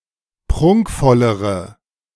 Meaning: inflection of prunkvoll: 1. strong/mixed nominative/accusative feminine singular comparative degree 2. strong nominative/accusative plural comparative degree
- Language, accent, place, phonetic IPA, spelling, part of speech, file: German, Germany, Berlin, [ˈpʁʊŋkfɔləʁə], prunkvollere, adjective, De-prunkvollere.ogg